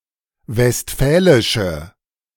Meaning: inflection of westfälisch: 1. strong/mixed nominative/accusative feminine singular 2. strong nominative/accusative plural 3. weak nominative all-gender singular
- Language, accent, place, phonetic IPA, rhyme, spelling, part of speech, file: German, Germany, Berlin, [vɛstˈfɛːlɪʃə], -ɛːlɪʃə, westfälische, adjective, De-westfälische.ogg